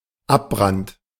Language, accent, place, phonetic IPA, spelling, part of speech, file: German, Germany, Berlin, [ˈapˌbʁant], Abbrand, noun, De-Abbrand.ogg
- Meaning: 1. burnup 2. combustion